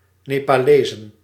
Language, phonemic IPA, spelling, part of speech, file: Dutch, /ˌnepaˈlezə(n)/, Nepalezen, noun, Nl-Nepalezen.ogg
- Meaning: plural of Nepalees